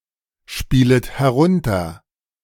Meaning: second-person plural subjunctive I of herunterspielen
- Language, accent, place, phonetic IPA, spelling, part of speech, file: German, Germany, Berlin, [ˌʃpiːlət hɛˈʁʊntɐ], spielet herunter, verb, De-spielet herunter.ogg